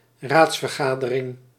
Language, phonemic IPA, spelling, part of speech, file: Dutch, /ˈratsfərˌɣadərɪŋ/, raadsvergadering, noun, Nl-raadsvergadering.ogg
- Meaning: a meeting of a council